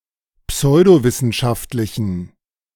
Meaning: inflection of pseudowissenschaftlich: 1. strong genitive masculine/neuter singular 2. weak/mixed genitive/dative all-gender singular 3. strong/weak/mixed accusative masculine singular
- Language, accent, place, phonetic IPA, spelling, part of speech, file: German, Germany, Berlin, [ˈpsɔɪ̯doˌvɪsn̩ʃaftlɪçn̩], pseudowissenschaftlichen, adjective, De-pseudowissenschaftlichen.ogg